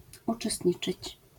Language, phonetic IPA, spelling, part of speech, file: Polish, [ˌut͡ʃɛˈstʲɲit͡ʃɨt͡ɕ], uczestniczyć, verb, LL-Q809 (pol)-uczestniczyć.wav